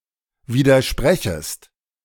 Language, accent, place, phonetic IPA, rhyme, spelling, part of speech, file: German, Germany, Berlin, [ˌviːdɐˈʃpʁɛçəst], -ɛçəst, widersprechest, verb, De-widersprechest.ogg
- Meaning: second-person singular subjunctive I of widersprechen